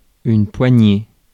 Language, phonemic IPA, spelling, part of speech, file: French, /pwa.ɲe/, poignée, noun, Fr-poignée.ogg
- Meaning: 1. handful (amount held in hand) 2. handful (a small number) 3. handshake 4. grip (part of an object someone grips) 5. handle (of a door, drawer, suitcase), hilt (of a sword)